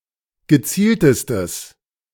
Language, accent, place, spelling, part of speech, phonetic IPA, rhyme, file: German, Germany, Berlin, gezieltestes, adjective, [ɡəˈt͡siːltəstəs], -iːltəstəs, De-gezieltestes.ogg
- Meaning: strong/mixed nominative/accusative neuter singular superlative degree of gezielt